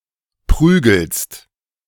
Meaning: second-person singular present of prügeln
- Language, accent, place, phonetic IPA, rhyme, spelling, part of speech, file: German, Germany, Berlin, [ˈpʁyːɡl̩st], -yːɡl̩st, prügelst, verb, De-prügelst.ogg